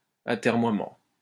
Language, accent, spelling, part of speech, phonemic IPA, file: French, France, atermoiement, noun, /a.tɛʁ.mwa.mɑ̃/, LL-Q150 (fra)-atermoiement.wav
- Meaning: procrastination